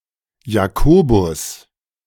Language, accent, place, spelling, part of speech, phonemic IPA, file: German, Germany, Berlin, Jakobus, proper noun, /jaˈkoːbʊs/, De-Jakobus.ogg
- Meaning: James (one of several New Testament personalities, especially the apostle James the Greater)